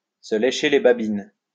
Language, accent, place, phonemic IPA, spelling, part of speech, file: French, France, Lyon, /sə le.ʃe le ba.bin/, se lécher les babines, verb, LL-Q150 (fra)-se lécher les babines.wav
- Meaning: 1. to lick one's chops, to lick one's lips (to look forward avidly to eating something) 2. to lick one's chops, to rub one's hands (to anticipate something eagerly)